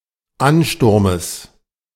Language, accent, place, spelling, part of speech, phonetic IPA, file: German, Germany, Berlin, Ansturmes, noun, [ˈanˌʃtʊʁməs], De-Ansturmes.ogg
- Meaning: genitive of Ansturm